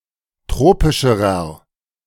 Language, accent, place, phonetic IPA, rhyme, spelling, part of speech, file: German, Germany, Berlin, [ˈtʁoːpɪʃəʁɐ], -oːpɪʃəʁɐ, tropischerer, adjective, De-tropischerer.ogg
- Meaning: inflection of tropisch: 1. strong/mixed nominative masculine singular comparative degree 2. strong genitive/dative feminine singular comparative degree 3. strong genitive plural comparative degree